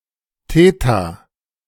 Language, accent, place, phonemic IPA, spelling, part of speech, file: German, Germany, Berlin, /ˈteːta/, Theta, noun, De-Theta.ogg
- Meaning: theta (Greek letter)